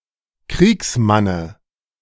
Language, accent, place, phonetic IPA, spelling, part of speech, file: German, Germany, Berlin, [ˈkʁiːksˌmanə], Kriegsmanne, noun, De-Kriegsmanne.ogg
- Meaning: dative singular of Kriegsmann